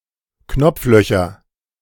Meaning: nominative/accusative/genitive plural of Knopfloch
- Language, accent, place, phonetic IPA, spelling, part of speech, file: German, Germany, Berlin, [ˈknɔp͡fˌlœçɐ], Knopflöcher, noun, De-Knopflöcher.ogg